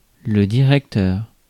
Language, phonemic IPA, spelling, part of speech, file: French, /di.ʁɛk.tœʁ/, directeur, noun / adjective, Fr-directeur.ogg
- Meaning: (noun) 1. director 2. school principal; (adjective) leading, guiding